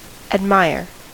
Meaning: 1. To be amazed at; to view with surprise; to marvel at 2. To regard with wonder and delight
- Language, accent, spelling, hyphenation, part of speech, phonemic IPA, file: English, US, admire, ad‧mire, verb, /ədˈmaɪɹ/, En-us-admire.ogg